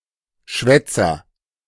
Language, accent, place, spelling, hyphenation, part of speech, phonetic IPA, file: German, Germany, Berlin, Schwätzer, Schwät‧zer, noun, [ˈʃvɛt͜sɐ], De-Schwätzer.ogg
- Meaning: windbag, babbler, prattler, chatterer